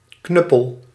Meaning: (noun) 1. a blunt instrument used to bludgeon someone with, such as a club or a cudgel 2. a clown, a lout, an awkward individual
- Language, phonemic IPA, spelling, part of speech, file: Dutch, /ˈknʏpəl/, knuppel, noun / verb, Nl-knuppel.ogg